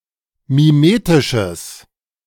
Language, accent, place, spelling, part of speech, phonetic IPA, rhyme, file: German, Germany, Berlin, mimetisches, adjective, [miˈmeːtɪʃəs], -eːtɪʃəs, De-mimetisches.ogg
- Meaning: strong/mixed nominative/accusative neuter singular of mimetisch